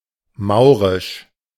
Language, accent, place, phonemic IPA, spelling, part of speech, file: German, Germany, Berlin, /ˈmaʊ̯ˌʁɪʃ/, maurisch, adjective, De-maurisch.ogg
- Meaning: Moorish